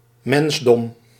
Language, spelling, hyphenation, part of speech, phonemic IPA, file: Dutch, mensdom, mens‧dom, noun, /ˈmɛns.dɔm/, Nl-mensdom.ogg
- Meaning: humanity, mankind